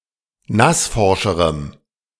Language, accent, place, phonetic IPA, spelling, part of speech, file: German, Germany, Berlin, [ˈnasˌfɔʁʃəʁəm], nassforscherem, adjective, De-nassforscherem.ogg
- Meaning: strong dative masculine/neuter singular comparative degree of nassforsch